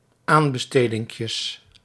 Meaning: plural of aanbestedinkje
- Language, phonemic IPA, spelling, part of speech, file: Dutch, /ˈambəˌstədɪŋkjəs/, aanbestedinkjes, noun, Nl-aanbestedinkjes.ogg